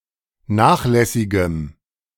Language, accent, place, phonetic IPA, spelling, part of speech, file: German, Germany, Berlin, [ˈnaːxˌlɛsɪɡəm], nachlässigem, adjective, De-nachlässigem.ogg
- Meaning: strong dative masculine/neuter singular of nachlässig